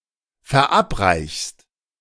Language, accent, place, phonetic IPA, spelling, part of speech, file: German, Germany, Berlin, [fɛɐ̯ˈʔapˌʁaɪ̯çəst], verabreichest, verb, De-verabreichest.ogg
- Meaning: second-person singular subjunctive I of verabreichen